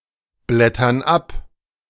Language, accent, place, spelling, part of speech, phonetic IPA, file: German, Germany, Berlin, blättern ab, verb, [ˌblɛtɐn ˈap], De-blättern ab.ogg
- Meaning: inflection of abblättern: 1. first/third-person plural present 2. first/third-person plural subjunctive I